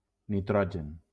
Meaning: nitrogen (chemical element)
- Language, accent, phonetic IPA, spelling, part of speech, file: Catalan, Valencia, [niˈtɾɔ.d͡ʒen], nitrogen, noun, LL-Q7026 (cat)-nitrogen.wav